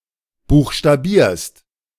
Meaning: second-person singular present of buchstabieren
- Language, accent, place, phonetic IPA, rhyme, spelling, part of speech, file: German, Germany, Berlin, [ˌbuːxʃtaˈbiːɐ̯st], -iːɐ̯st, buchstabierst, verb, De-buchstabierst.ogg